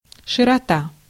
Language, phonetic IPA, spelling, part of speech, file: Russian, [ʂɨrɐˈta], широта, noun, Ru-широта.ogg
- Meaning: 1. breadth, extent, amplitude, broad scope 2. latitude